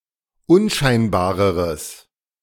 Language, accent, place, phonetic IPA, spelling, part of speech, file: German, Germany, Berlin, [ˈʊnˌʃaɪ̯nbaːʁəʁəs], unscheinbareres, adjective, De-unscheinbareres.ogg
- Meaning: strong/mixed nominative/accusative neuter singular comparative degree of unscheinbar